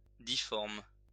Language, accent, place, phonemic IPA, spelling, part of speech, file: French, France, Lyon, /di.fɔʁm/, difforme, adjective, LL-Q150 (fra)-difforme.wav
- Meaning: misshapen, deformed